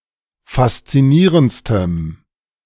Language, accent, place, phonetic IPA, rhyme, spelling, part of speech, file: German, Germany, Berlin, [fast͡siˈniːʁəntstəm], -iːʁənt͡stəm, faszinierendstem, adjective, De-faszinierendstem.ogg
- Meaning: strong dative masculine/neuter singular superlative degree of faszinierend